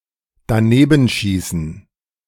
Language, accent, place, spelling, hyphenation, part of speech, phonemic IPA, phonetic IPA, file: German, Germany, Berlin, danebenschießen, da‧ne‧ben‧schie‧ßen, verb, /daˈnebənˌʃiːsən/, [daˈneːbn̩ˌʃiːsn̩], De-danebenschießen.ogg
- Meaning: to miss a shot (with gun, football, etc.)